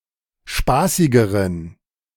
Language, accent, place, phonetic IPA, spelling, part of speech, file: German, Germany, Berlin, [ˈʃpaːsɪɡəʁən], spaßigeren, adjective, De-spaßigeren.ogg
- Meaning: inflection of spaßig: 1. strong genitive masculine/neuter singular comparative degree 2. weak/mixed genitive/dative all-gender singular comparative degree